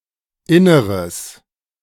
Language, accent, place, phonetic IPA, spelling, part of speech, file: German, Germany, Berlin, [ˈɪnəʁəs], inneres, adjective, De-inneres.ogg
- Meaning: strong/mixed nominative/accusative neuter singular of inner